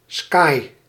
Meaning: leatherette
- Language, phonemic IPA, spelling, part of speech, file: Dutch, /skɑj/, skai, noun / adjective, Nl-skai.ogg